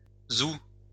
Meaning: shoo, let's go!
- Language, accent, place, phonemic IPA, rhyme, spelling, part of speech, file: French, France, Lyon, /zu/, -u, zou, interjection, LL-Q150 (fra)-zou.wav